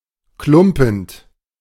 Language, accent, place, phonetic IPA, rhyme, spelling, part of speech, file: German, Germany, Berlin, [ˈklʊmpn̩t], -ʊmpn̩t, klumpend, verb, De-klumpend.ogg
- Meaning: present participle of klumpen